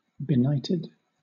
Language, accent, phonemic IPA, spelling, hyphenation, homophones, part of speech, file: English, Southern England, /bɪˈnaɪtɪd/, benighted, be‧night‧ed, beknighted, adjective / verb, LL-Q1860 (eng)-benighted.wav
- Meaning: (adjective) 1. Overtaken by night; especially of a traveller, etc.: caught out by oncoming night before reaching one's destination 2. Plunged into darkness